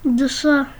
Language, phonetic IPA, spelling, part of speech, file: Adyghe, [dəʂa], дышъэ, noun, Dəʂa.ogg
- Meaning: gold